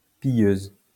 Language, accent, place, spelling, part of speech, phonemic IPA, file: French, France, Lyon, pilleuse, adjective, /pi.jøz/, LL-Q150 (fra)-pilleuse.wav
- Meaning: feminine singular of pilleur